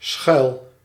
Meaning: inflection of schuilen: 1. first-person singular present indicative 2. second-person singular present indicative 3. imperative
- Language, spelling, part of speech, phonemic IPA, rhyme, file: Dutch, schuil, verb, /sxœy̯l/, -œy̯l, Nl-schuil.ogg